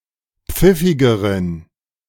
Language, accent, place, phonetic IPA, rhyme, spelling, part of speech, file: German, Germany, Berlin, [ˈp͡fɪfɪɡəʁən], -ɪfɪɡəʁən, pfiffigeren, adjective, De-pfiffigeren.ogg
- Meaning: inflection of pfiffig: 1. strong genitive masculine/neuter singular comparative degree 2. weak/mixed genitive/dative all-gender singular comparative degree